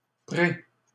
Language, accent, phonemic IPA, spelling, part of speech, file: French, Canada, /pʁe/, pré-, prefix, LL-Q150 (fra)-pré-.wav
- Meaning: pre-